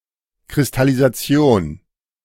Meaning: crystallization
- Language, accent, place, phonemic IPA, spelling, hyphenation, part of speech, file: German, Germany, Berlin, /kʁɪstalizaˈt͡si̯oːn/, Kristallisation, Kris‧tal‧li‧sa‧ti‧on, noun, De-Kristallisation.ogg